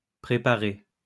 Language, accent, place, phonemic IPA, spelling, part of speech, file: French, France, Lyon, /pʁe.pa.ʁe/, préparé, verb, LL-Q150 (fra)-préparé.wav
- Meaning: past participle of préparer